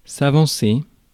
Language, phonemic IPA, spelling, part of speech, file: French, /a.vɑ̃.se/, avancer, verb, Fr-avancer.ogg
- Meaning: 1. to advance, to go forward 2. to progress 3. to bring forward, to advance 4. to propose, to put forward 5. to move towards, to go up to, to approach